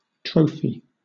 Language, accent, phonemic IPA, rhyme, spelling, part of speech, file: English, Southern England, /ˈtɹəʊfi/, -əʊfi, trophy, noun / verb, LL-Q1860 (eng)-trophy.wav
- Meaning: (noun) An object, usually in the form of a statuette, cup, or shield, awarded for success in a competition or to mark a special achievement